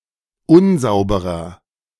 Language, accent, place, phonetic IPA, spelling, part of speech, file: German, Germany, Berlin, [ˈʊnˌzaʊ̯bəʁɐ], unsauberer, adjective, De-unsauberer.ogg
- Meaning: 1. comparative degree of unsauber 2. inflection of unsauber: strong/mixed nominative masculine singular 3. inflection of unsauber: strong genitive/dative feminine singular